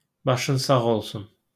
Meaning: sorry for your loss
- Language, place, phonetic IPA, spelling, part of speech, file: Azerbaijani, Baku, [bɑˈʃɯn sɑɣ oɫˈsun], başın sağ olsun, phrase, LL-Q9292 (aze)-başın sağ olsun.wav